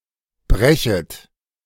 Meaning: second-person plural subjunctive I of brechen
- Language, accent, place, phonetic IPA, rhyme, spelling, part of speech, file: German, Germany, Berlin, [ˈbʁɛçət], -ɛçət, brechet, verb, De-brechet.ogg